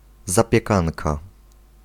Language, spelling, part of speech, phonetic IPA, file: Polish, zapiekanka, noun, [ˌzapʲjɛˈkãnka], Pl-zapiekanka.ogg